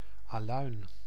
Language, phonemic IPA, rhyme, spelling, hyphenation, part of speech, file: Dutch, /aːˈlœy̯n/, -œy̯n, aluin, aluin, noun, Nl-aluin.ogg
- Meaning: alum